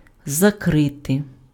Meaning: 1. to cover 2. to close, to shut 3. to turn off, to shut off (:tap, valve)
- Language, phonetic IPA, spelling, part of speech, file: Ukrainian, [zɐˈkrɪte], закрити, verb, Uk-закрити.ogg